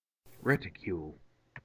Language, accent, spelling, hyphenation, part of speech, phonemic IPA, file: English, US, reticule, ret‧i‧cule, noun, /ˈɹɛtɪkjuːl/, En-us-reticule.ogg
- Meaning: 1. A reticle; a grid in the eyepiece of an instrument 2. A small women's bag made of a woven net-like material